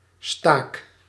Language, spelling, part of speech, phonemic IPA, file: Dutch, staak, noun / verb, /stak/, Nl-staak.ogg
- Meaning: inflection of staken: 1. first-person singular present indicative 2. second-person singular present indicative 3. imperative